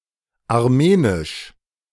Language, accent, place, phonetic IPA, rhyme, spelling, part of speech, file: German, Germany, Berlin, [aʁˈmeːnɪʃ], -eːnɪʃ, armenisch, adjective, De-armenisch2.ogg
- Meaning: Armenian (of or pertaining to Armenia or its people)